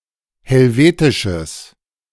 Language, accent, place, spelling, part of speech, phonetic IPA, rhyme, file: German, Germany, Berlin, helvetisches, adjective, [hɛlˈveːtɪʃəs], -eːtɪʃəs, De-helvetisches.ogg
- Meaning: strong/mixed nominative/accusative neuter singular of helvetisch